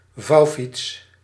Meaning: folding bicycle
- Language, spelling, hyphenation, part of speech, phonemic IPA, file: Dutch, vouwfiets, vouw‧fiets, noun, /ˈvɑu̯.fits/, Nl-vouwfiets.ogg